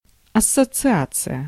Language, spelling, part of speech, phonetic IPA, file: Russian, ассоциация, noun, [ɐsət͡sɨˈat͡sɨjə], Ru-ассоциация.ogg
- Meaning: association (group of persons associated for a common purpose)